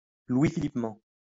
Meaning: In the manner of Louis Philippe I
- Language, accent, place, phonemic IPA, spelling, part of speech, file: French, France, Lyon, /lwi.fi.lip.mɑ̃/, louisphilippement, adverb, LL-Q150 (fra)-louisphilippement.wav